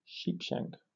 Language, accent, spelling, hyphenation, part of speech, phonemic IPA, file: English, Received Pronunciation, sheepshank, sheep‧shank, noun / verb, /ˈʃiːpʃæŋk/, En-uk-sheepshank.oga
- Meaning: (noun) A type of knot which is useful for shortening a rope or taking up slack without cutting it; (verb) To shorten (a rope) using a sheepshank knot